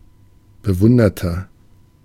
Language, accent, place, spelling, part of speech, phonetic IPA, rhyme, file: German, Germany, Berlin, bewunderter, adjective, [bəˈvʊndɐtɐ], -ʊndɐtɐ, De-bewunderter.ogg
- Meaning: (adjective) 1. comparative degree of bewundert 2. inflection of bewundert: strong/mixed nominative masculine singular 3. inflection of bewundert: strong genitive/dative feminine singular